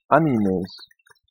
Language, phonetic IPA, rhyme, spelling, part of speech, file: German, [aniˈmeːs], -eːs, Animes, noun, De-Animes.ogg
- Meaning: plural of Anime